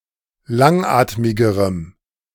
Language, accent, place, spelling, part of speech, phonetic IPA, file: German, Germany, Berlin, langatmigerem, adjective, [ˈlaŋˌʔaːtmɪɡəʁəm], De-langatmigerem.ogg
- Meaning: strong dative masculine/neuter singular comparative degree of langatmig